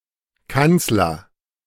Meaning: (noun) chancellor (title of a head of government): 1. ellipsis of Bundeskanzler 2. ellipsis of Reichskanzler
- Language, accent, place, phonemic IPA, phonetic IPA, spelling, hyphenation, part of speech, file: German, Germany, Berlin, /ˈkan(t)sləʁ/, [ˈkant͡s.lɐ], Kanzler, Kanz‧ler, noun / proper noun, De-Kanzler.ogg